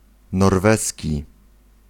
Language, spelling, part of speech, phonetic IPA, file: Polish, norweski, adjective / noun, [nɔrˈvɛsʲci], Pl-norweski.ogg